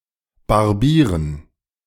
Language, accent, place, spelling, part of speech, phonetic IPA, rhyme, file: German, Germany, Berlin, Barbiers, noun, [baʁˈbiːɐ̯s], -iːɐ̯s, De-Barbiers.ogg
- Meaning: genitive singular of Barbier